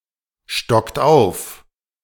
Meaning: inflection of aufstocken: 1. second-person plural present 2. third-person singular present 3. plural imperative
- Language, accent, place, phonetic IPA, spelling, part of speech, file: German, Germany, Berlin, [ˌʃtɔkt ˈaʊ̯f], stockt auf, verb, De-stockt auf.ogg